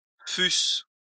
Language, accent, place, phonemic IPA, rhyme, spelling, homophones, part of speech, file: French, France, Lyon, /fys/, -ys, fussent, fusse / fusses, verb, LL-Q150 (fra)-fussent.wav
- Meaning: third-person plural imperfect subjunctive of être